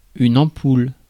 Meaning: 1. light bulb 2. ampoule 3. blister 4. pimple, zit
- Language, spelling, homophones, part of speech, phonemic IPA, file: French, ampoule, ampoules, noun, /ɑ̃.pul/, Fr-ampoule.ogg